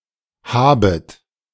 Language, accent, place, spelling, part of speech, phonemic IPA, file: German, Germany, Berlin, habet, verb, /ˈhaːbət/, De-habet.ogg
- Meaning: second-person plural subjunctive I of haben